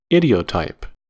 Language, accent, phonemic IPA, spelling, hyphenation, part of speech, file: English, US, /ˈɪ.diː.oʊ.taɪp/, idiotype, i‧di‧o‧type, noun, En-us-idiotype.ogg